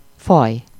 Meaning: 1. race 2. species
- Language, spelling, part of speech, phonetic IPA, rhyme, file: Hungarian, faj, noun, [ˈfɒj], -ɒj, Hu-faj.ogg